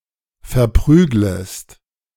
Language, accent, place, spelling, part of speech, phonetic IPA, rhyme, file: German, Germany, Berlin, verprüglest, verb, [fɛɐ̯ˈpʁyːɡləst], -yːɡləst, De-verprüglest.ogg
- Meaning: second-person singular subjunctive I of verprügeln